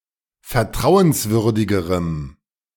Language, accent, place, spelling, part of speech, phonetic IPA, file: German, Germany, Berlin, vertrauenswürdigerem, adjective, [fɛɐ̯ˈtʁaʊ̯ənsˌvʏʁdɪɡəʁəm], De-vertrauenswürdigerem.ogg
- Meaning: strong dative masculine/neuter singular comparative degree of vertrauenswürdig